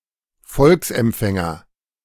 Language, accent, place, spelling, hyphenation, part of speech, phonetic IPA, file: German, Germany, Berlin, Volksempfänger, Volks‧emp‧fän‧ger, noun, [ˈfɔlksʔɛmˌp͡fɛŋɐ], De-Volksempfänger.ogg
- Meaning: "people's receiver" - a series of cheap household radio receivers developed in Nazi Germany for propaganda